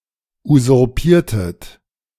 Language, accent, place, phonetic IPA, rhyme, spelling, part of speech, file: German, Germany, Berlin, [uzʊʁˈpiːɐ̯tət], -iːɐ̯tət, usurpiertet, verb, De-usurpiertet.ogg
- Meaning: inflection of usurpieren: 1. second-person plural preterite 2. second-person plural subjunctive II